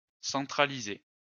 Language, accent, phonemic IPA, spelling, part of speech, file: French, France, /sɑ̃.tʁa.li.ze/, centralisé, verb, LL-Q150 (fra)-centralisé.wav
- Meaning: past participle of centraliser